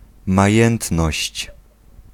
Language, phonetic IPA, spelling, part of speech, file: Polish, [maˈjɛ̃ntnɔɕt͡ɕ], majętność, noun, Pl-majętność.ogg